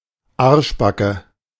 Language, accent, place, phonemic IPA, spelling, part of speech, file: German, Germany, Berlin, /ˈaɐʃbakə/, Arschbacke, noun, De-Arschbacke.ogg
- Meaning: asscheek